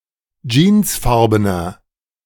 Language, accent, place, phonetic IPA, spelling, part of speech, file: German, Germany, Berlin, [ˈd͡ʒiːnsˌfaʁbənɐ], jeansfarbener, adjective, De-jeansfarbener.ogg
- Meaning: inflection of jeansfarben: 1. strong/mixed nominative masculine singular 2. strong genitive/dative feminine singular 3. strong genitive plural